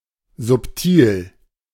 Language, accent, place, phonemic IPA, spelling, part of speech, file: German, Germany, Berlin, /zʊpˈtiːl/, subtil, adjective, De-subtil.ogg
- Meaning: subtle